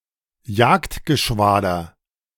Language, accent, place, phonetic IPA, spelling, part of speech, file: German, Germany, Berlin, [ˈjaːktɡəˌʃvaːdɐ], Jagdgeschwader, noun, De-Jagdgeschwader.ogg
- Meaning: 1. fighter squadron 2. fighter wing 3. fighter group